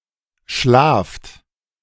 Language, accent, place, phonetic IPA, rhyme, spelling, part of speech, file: German, Germany, Berlin, [ʃlaːft], -aːft, schlaft, verb, De-schlaft.ogg
- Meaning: inflection of schlafen: 1. second-person plural present 2. plural imperative